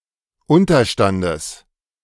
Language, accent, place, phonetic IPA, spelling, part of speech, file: German, Germany, Berlin, [ˈʊntɐˌʃtandəs], Unterstandes, noun, De-Unterstandes.ogg
- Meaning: genitive singular of Unterstand